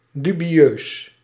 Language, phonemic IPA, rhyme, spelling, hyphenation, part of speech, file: Dutch, /ˌdy.biˈøːs/, -øːs, dubieus, du‧bi‧eus, adjective, Nl-dubieus.ogg
- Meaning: dubious, questionable